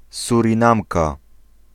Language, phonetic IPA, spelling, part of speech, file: Polish, [ˌsurʲĩˈnãmka], Surinamka, noun, Pl-Surinamka.ogg